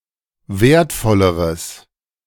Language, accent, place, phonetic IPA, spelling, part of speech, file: German, Germany, Berlin, [ˈveːɐ̯tˌfɔləʁəs], wertvolleres, adjective, De-wertvolleres.ogg
- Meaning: strong/mixed nominative/accusative neuter singular comparative degree of wertvoll